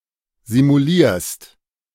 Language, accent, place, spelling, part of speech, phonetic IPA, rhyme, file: German, Germany, Berlin, simulierst, verb, [zimuˈliːɐ̯st], -iːɐ̯st, De-simulierst.ogg
- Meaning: second-person singular present of simulieren